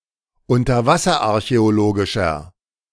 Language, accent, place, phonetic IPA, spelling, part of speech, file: German, Germany, Berlin, [ʊntɐˈvasɐʔaʁçɛoˌloːɡɪʃɐ], unterwasserarchäologischer, adjective, De-unterwasserarchäologischer.ogg
- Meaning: inflection of unterwasserarchäologisch: 1. strong/mixed nominative masculine singular 2. strong genitive/dative feminine singular 3. strong genitive plural